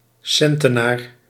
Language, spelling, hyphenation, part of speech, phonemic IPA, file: Dutch, centenaar, cen‧te‧naar, noun, /ˈsɛn.təˌnaːr/, Nl-centenaar.ogg
- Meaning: 1. 100 kilogrammes 2. 100 pounds